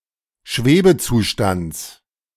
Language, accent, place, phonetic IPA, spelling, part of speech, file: German, Germany, Berlin, [ˈʃveːbəˌt͡suːʃtant͡s], Schwebezustands, noun, De-Schwebezustands.ogg
- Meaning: genitive of Schwebezustand